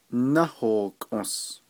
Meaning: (verb) to turn over and over, turn around and around, revolve (of a slender stiff object); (noun) 1. north 2. Big Dipper 3. swastika
- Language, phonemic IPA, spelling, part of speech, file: Navajo, /nɑ́hòːkʰõ̀s/, náhookǫs, verb / noun, Nv-náhookǫs.ogg